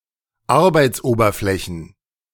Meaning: plural of Arbeitsoberfläche
- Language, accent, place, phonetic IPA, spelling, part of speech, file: German, Germany, Berlin, [ˈaʁbaɪ̯t͡sˌʔoːbɐflɛçn̩], Arbeitsoberflächen, noun, De-Arbeitsoberflächen.ogg